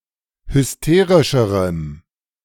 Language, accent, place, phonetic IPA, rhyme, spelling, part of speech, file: German, Germany, Berlin, [hʏsˈteːʁɪʃəʁəm], -eːʁɪʃəʁəm, hysterischerem, adjective, De-hysterischerem.ogg
- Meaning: strong dative masculine/neuter singular comparative degree of hysterisch